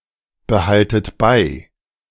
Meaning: inflection of beibehalten: 1. second-person plural present 2. second-person plural subjunctive I 3. plural imperative
- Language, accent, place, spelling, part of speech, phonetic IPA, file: German, Germany, Berlin, behaltet bei, verb, [bəˌhaltət ˈbaɪ̯], De-behaltet bei.ogg